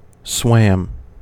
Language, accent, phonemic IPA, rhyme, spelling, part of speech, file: English, US, /swæm/, -æm, swam, verb, En-us-swam.ogg
- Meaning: simple past of swim